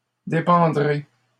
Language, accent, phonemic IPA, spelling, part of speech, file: French, Canada, /de.pɑ̃.dʁe/, dépendrez, verb, LL-Q150 (fra)-dépendrez.wav
- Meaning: second-person plural future of dépendre